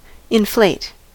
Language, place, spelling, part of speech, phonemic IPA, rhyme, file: English, California, inflate, verb, /ɪnˈfleɪt/, -eɪt, En-us-inflate.ogg
- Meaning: 1. To enlarge an object by pushing air (or a gas) into it; to raise or expand abnormally 2. To enlarge by filling with air (or a gas) 3. To swell; to puff up